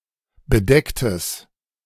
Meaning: strong/mixed nominative/accusative neuter singular of bedeckt
- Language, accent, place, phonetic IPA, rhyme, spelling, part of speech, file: German, Germany, Berlin, [bəˈdɛktəs], -ɛktəs, bedecktes, adjective, De-bedecktes.ogg